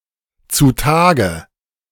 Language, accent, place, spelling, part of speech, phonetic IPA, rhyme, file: German, Germany, Berlin, zutage, adverb, [t͡suˈtaːɡə], -aːɡə, De-zutage.ogg
- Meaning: obviously, visibly, freely